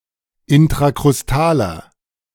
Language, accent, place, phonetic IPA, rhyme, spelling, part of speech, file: German, Germany, Berlin, [ɪntʁakʁʊsˈtaːlɐ], -aːlɐ, intrakrustaler, adjective, De-intrakrustaler.ogg
- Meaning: inflection of intrakrustal: 1. strong/mixed nominative masculine singular 2. strong genitive/dative feminine singular 3. strong genitive plural